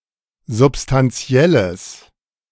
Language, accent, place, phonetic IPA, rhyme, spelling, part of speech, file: German, Germany, Berlin, [zʊpstanˈt͡si̯ɛləs], -ɛləs, substantielles, adjective, De-substantielles.ogg
- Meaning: strong/mixed nominative/accusative neuter singular of substantiell